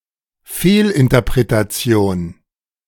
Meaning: misinterpretation
- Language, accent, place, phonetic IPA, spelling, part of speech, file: German, Germany, Berlin, [ˈfeːlʔɪntɐpʁetaˌt͡si̯oːn], Fehlinterpretation, noun, De-Fehlinterpretation.ogg